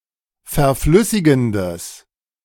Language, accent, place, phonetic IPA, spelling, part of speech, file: German, Germany, Berlin, [fɛɐ̯ˈflʏsɪɡn̩dəs], verflüssigendes, adjective, De-verflüssigendes.ogg
- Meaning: strong/mixed nominative/accusative neuter singular of verflüssigend